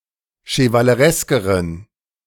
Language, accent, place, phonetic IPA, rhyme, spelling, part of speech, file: German, Germany, Berlin, [ʃəvaləˈʁɛskəʁən], -ɛskəʁən, chevalereskeren, adjective, De-chevalereskeren.ogg
- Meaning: inflection of chevaleresk: 1. strong genitive masculine/neuter singular comparative degree 2. weak/mixed genitive/dative all-gender singular comparative degree